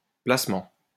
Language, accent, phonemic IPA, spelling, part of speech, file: French, France, /plas.mɑ̃/, placement, noun, LL-Q150 (fra)-placement.wav
- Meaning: 1. placement 2. investment